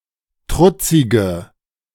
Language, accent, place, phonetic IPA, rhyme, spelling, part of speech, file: German, Germany, Berlin, [ˈtʁʊt͡sɪɡə], -ʊt͡sɪɡə, trutzige, adjective, De-trutzige.ogg
- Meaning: inflection of trutzig: 1. strong/mixed nominative/accusative feminine singular 2. strong nominative/accusative plural 3. weak nominative all-gender singular 4. weak accusative feminine/neuter singular